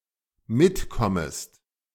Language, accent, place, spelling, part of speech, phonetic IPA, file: German, Germany, Berlin, mitkommest, verb, [ˈmɪtˌkɔməst], De-mitkommest.ogg
- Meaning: second-person singular dependent subjunctive I of mitkommen